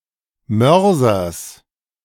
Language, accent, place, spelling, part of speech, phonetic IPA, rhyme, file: German, Germany, Berlin, Mörsers, noun, [ˈmœʁzɐs], -œʁzɐs, De-Mörsers.ogg
- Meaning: genitive singular of Mörser